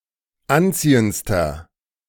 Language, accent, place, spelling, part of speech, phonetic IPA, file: German, Germany, Berlin, anziehendster, adjective, [ˈanˌt͡siːənt͡stɐ], De-anziehendster.ogg
- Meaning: inflection of anziehend: 1. strong/mixed nominative masculine singular superlative degree 2. strong genitive/dative feminine singular superlative degree 3. strong genitive plural superlative degree